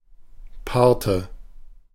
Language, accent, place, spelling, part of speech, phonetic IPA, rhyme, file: German, Germany, Berlin, paarte, verb, [ˈpaːɐ̯tə], -aːɐ̯tə, De-paarte.ogg
- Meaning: inflection of paaren: 1. first/third-person singular preterite 2. first/third-person singular subjunctive II